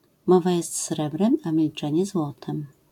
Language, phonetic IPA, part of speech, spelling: Polish, [ˈmɔva ˈjɛst ˈsrɛbrɛ̃m ˌa‿mʲilˈt͡ʃɛ̃ɲɛ ˈzwɔtɛ̃m], proverb, mowa jest srebrem, a milczenie złotem